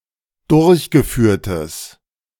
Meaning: strong/mixed nominative/accusative neuter singular of durchgeführt
- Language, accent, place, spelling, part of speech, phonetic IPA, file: German, Germany, Berlin, durchgeführtes, adjective, [ˈdʊʁçɡəˌfyːɐ̯təs], De-durchgeführtes.ogg